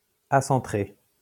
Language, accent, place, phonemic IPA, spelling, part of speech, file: French, France, Lyon, /a.sɑ̃.tʁe/, acentré, adjective, LL-Q150 (fra)-acentré.wav
- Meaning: 1. acentric 2. uncentralized